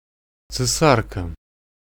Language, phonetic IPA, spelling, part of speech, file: Russian, [t͡sɨˈsarkə], цесарка, noun, Ru-цесарка.ogg
- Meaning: guinea fowl